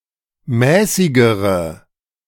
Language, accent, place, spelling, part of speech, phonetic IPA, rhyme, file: German, Germany, Berlin, mäßigere, adjective, [ˈmɛːsɪɡəʁə], -ɛːsɪɡəʁə, De-mäßigere.ogg
- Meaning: inflection of mäßig: 1. strong/mixed nominative/accusative feminine singular comparative degree 2. strong nominative/accusative plural comparative degree